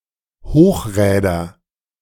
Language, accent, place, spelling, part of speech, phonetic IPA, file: German, Germany, Berlin, Hochräder, noun, [ˈhoːxˌʁɛːdɐ], De-Hochräder.ogg
- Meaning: nominative/accusative/genitive plural of Hochrad